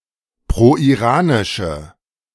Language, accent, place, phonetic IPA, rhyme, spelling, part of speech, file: German, Germany, Berlin, [pʁoʔiˈʁaːnɪʃə], -aːnɪʃə, proiranische, adjective, De-proiranische.ogg
- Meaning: inflection of proiranisch: 1. strong/mixed nominative/accusative feminine singular 2. strong nominative/accusative plural 3. weak nominative all-gender singular